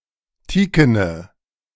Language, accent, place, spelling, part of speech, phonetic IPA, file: German, Germany, Berlin, teakene, adjective, [ˈtiːkənə], De-teakene.ogg
- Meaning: inflection of teaken: 1. strong/mixed nominative/accusative feminine singular 2. strong nominative/accusative plural 3. weak nominative all-gender singular 4. weak accusative feminine/neuter singular